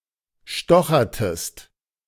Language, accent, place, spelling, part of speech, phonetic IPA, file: German, Germany, Berlin, stochertest, verb, [ˈʃtɔxɐtəst], De-stochertest.ogg
- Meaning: inflection of stochern: 1. second-person singular preterite 2. second-person singular subjunctive II